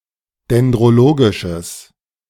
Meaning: strong/mixed nominative/accusative neuter singular of dendrologisch
- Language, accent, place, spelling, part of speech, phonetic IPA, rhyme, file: German, Germany, Berlin, dendrologisches, adjective, [dɛndʁoˈloːɡɪʃəs], -oːɡɪʃəs, De-dendrologisches.ogg